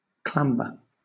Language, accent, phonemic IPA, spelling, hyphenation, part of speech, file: English, Southern England, /ˈklæmbə/, clamber, clam‧ber, verb / noun, LL-Q1860 (eng)-clamber.wav
- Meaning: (verb) To climb (something) with some difficulty, or in a haphazard fashion; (noun) The act of clambering; a difficult or haphazard climb